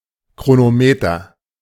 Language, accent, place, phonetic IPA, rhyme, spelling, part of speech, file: German, Germany, Berlin, [kʁonoˈmeːtɐ], -eːtɐ, Chronometer, noun, De-Chronometer.ogg
- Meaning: chronometer